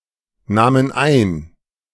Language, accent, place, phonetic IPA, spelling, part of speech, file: German, Germany, Berlin, [ˌnaːmən ˈaɪ̯n], nahmen ein, verb, De-nahmen ein.ogg
- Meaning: first/third-person plural preterite of einnehmen